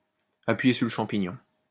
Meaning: to step on it, to floor it, to put the pedal to the metal, to put one's foot down, to step on the gas
- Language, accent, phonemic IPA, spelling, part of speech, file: French, France, /a.pɥi.je syʁ lə ʃɑ̃.pi.ɲɔ̃/, appuyer sur le champignon, verb, LL-Q150 (fra)-appuyer sur le champignon.wav